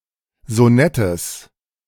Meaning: genitive of Sonett
- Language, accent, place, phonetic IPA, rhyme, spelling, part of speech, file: German, Germany, Berlin, [zoˈnɛtəs], -ɛtəs, Sonettes, noun, De-Sonettes.ogg